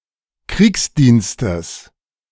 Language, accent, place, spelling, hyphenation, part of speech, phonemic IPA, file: German, Germany, Berlin, Kriegsdienstes, Kriegs‧diens‧tes, noun, /ˈkʁiːksˌdiːnstəs/, De-Kriegsdienstes.ogg
- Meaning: genitive singular of Kriegsdienst